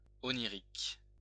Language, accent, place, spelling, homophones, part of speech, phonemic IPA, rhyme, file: French, France, Lyon, onirique, oniriques, adjective, /ɔ.ni.ʁik/, -ik, LL-Q150 (fra)-onirique.wav
- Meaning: 1. dream 2. inspired by dreams 3. dreamlike, oneiric